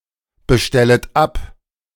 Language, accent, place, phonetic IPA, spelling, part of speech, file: German, Germany, Berlin, [bəˌʃtɛlət ˈap], bestellet ab, verb, De-bestellet ab.ogg
- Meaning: second-person plural subjunctive I of abbestellen